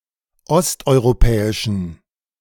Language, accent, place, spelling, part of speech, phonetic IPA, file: German, Germany, Berlin, osteuropäischen, adjective, [ˈɔstʔɔɪ̯ʁoˌpɛːɪʃn̩], De-osteuropäischen.ogg
- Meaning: inflection of osteuropäisch: 1. strong genitive masculine/neuter singular 2. weak/mixed genitive/dative all-gender singular 3. strong/weak/mixed accusative masculine singular 4. strong dative plural